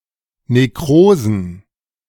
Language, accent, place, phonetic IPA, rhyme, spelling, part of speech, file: German, Germany, Berlin, [neˈkʁoːzn̩], -oːzn̩, Nekrosen, noun, De-Nekrosen.ogg
- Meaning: plural of Nekrose